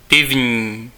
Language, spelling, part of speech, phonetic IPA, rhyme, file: Czech, pivní, adjective, [ˈpɪvɲiː], -ɪvɲiː, Cs-pivní.ogg
- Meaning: beer